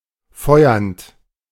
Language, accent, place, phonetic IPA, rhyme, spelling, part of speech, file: German, Germany, Berlin, [ˈfɔɪ̯ɐnt], -ɔɪ̯ɐnt, feuernd, verb, De-feuernd.ogg
- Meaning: present participle of feuern